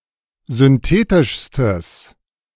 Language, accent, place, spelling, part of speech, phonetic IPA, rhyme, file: German, Germany, Berlin, synthetischstes, adjective, [zʏnˈteːtɪʃstəs], -eːtɪʃstəs, De-synthetischstes.ogg
- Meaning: strong/mixed nominative/accusative neuter singular superlative degree of synthetisch